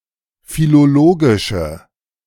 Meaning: inflection of philologisch: 1. strong/mixed nominative/accusative feminine singular 2. strong nominative/accusative plural 3. weak nominative all-gender singular
- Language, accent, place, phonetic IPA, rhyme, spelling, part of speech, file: German, Germany, Berlin, [filoˈloːɡɪʃə], -oːɡɪʃə, philologische, adjective, De-philologische.ogg